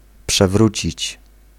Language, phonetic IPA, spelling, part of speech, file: Polish, [pʃɛˈvrut͡ɕit͡ɕ], przewrócić, verb, Pl-przewrócić.ogg